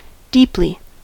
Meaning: 1. To a deep extent or degree; very greatly 2. So as to extend far down or far into something 3. At depth 4. In a profound, not superficial, manner 5. In large volume
- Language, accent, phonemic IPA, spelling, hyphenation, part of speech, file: English, US, /ˈdi(ː)pli/, deeply, deep‧ly, adverb, En-us-deeply.ogg